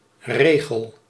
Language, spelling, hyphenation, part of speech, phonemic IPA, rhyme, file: Dutch, regel, re‧gel, noun / verb, /ˈreː.ɣəl/, -eːɣəl, Nl-regel.ogg
- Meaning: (noun) 1. line of writing, verse; (pre-printed) straight line to write it on 2. rule, regulation, custom, prescript; the statute of an order etc 3. narrow slat; especially a ruler